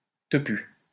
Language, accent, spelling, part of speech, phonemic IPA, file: French, France, tepu, noun, /tə.py/, LL-Q150 (fra)-tepu.wav
- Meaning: synonym of pute (“whore”)